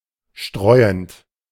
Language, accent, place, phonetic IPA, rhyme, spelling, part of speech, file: German, Germany, Berlin, [ˈʃtʁɔɪ̯ənt], -ɔɪ̯ənt, streuend, verb, De-streuend.ogg
- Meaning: present participle of streuen